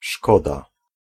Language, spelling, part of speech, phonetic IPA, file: Polish, szkoda, noun / adverb / verb, [ˈʃkɔda], Pl-szkoda.ogg